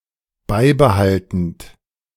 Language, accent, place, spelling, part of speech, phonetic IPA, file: German, Germany, Berlin, beibehaltend, verb, [ˈbaɪ̯bəˌhaltn̩t], De-beibehaltend.ogg
- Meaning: present participle of beibehalten